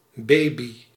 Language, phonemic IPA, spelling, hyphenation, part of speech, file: Dutch, /ˈbeːbi/, baby, ba‧by, noun, Nl-baby.ogg
- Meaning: baby (infant)